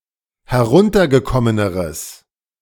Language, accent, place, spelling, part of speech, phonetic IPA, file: German, Germany, Berlin, heruntergekommeneres, adjective, [hɛˈʁʊntɐɡəˌkɔmənəʁəs], De-heruntergekommeneres.ogg
- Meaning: strong/mixed nominative/accusative neuter singular comparative degree of heruntergekommen